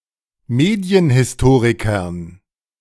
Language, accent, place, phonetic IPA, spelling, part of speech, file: German, Germany, Berlin, [ˈmeːdi̯ənhɪsˌtoːʁɪkɐn], Medienhistorikern, noun, De-Medienhistorikern.ogg
- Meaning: dative plural of Medienhistoriker